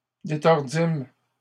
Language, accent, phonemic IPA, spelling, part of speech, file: French, Canada, /de.tɔʁ.dim/, détordîmes, verb, LL-Q150 (fra)-détordîmes.wav
- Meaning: first-person plural past historic of détordre